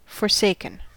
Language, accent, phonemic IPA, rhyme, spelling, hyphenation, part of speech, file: English, General American, /fɔɹˈseɪkən/, -eɪkən, forsaken, for‧sak‧en, adjective / verb, En-us-forsaken.ogg
- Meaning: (adjective) 1. Deserted; abandoned 2. Helpless; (verb) past participle of forsake